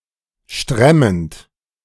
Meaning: present participle of stremmen
- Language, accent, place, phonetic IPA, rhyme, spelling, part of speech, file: German, Germany, Berlin, [ˈʃtʁɛmənt], -ɛmənt, stremmend, verb, De-stremmend.ogg